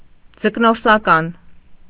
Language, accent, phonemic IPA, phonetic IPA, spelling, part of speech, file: Armenian, Eastern Armenian, /d͡zəknoɾsɑˈkɑn/, [d͡zəknoɾsɑkɑ́n], ձկնորսական, adjective, Hy-ձկնորսական.ogg
- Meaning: fishing; piscatory, piscatorial